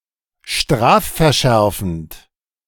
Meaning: aggravated (Deserving of a more severe punishment)
- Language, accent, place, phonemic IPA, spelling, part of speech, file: German, Germany, Berlin, /ˈʃtʁaːffɛɐ̯ˌʃɛʁfn̩t/, strafverschärfend, adjective, De-strafverschärfend.ogg